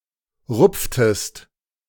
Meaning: inflection of rupfen: 1. second-person singular preterite 2. second-person singular subjunctive II
- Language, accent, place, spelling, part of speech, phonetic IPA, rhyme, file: German, Germany, Berlin, rupftest, verb, [ˈʁʊp͡ftəst], -ʊp͡ftəst, De-rupftest.ogg